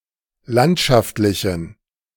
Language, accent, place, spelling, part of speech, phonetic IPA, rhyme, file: German, Germany, Berlin, landschaftlichen, adjective, [ˈlantʃaftlɪçn̩], -antʃaftlɪçn̩, De-landschaftlichen.ogg
- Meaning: inflection of landschaftlich: 1. strong genitive masculine/neuter singular 2. weak/mixed genitive/dative all-gender singular 3. strong/weak/mixed accusative masculine singular 4. strong dative plural